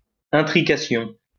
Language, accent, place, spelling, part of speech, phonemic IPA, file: French, France, Lyon, intrication, noun, /ɛ̃.tʁi.ka.sjɔ̃/, LL-Q150 (fra)-intrication.wav
- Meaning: entanglement